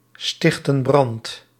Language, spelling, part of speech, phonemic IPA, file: Dutch, stichten brand, verb, /ˈstɪxtə(n) ˈbrɑnt/, Nl-stichten brand.ogg
- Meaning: inflection of brandstichten: 1. plural present indicative 2. plural present subjunctive